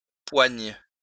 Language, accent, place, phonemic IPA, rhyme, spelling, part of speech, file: French, France, Lyon, /pwaɲ/, -aɲ, poigne, noun / verb, LL-Q150 (fra)-poigne.wav
- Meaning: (noun) grip; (verb) first/third-person singular present subjunctive of poindre